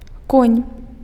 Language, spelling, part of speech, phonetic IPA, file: Belarusian, конь, noun, [konʲ], Be-конь.ogg
- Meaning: horse